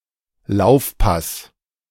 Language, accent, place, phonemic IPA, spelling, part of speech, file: German, Germany, Berlin, /ˈlaʊ̯fˌpas/, Laufpass, noun, De-Laufpass.ogg
- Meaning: 1. a pass that is timed such that the receiving player reaches the ball with a sprint 2. certificate of discharge 3. axe (dismissal or rejection)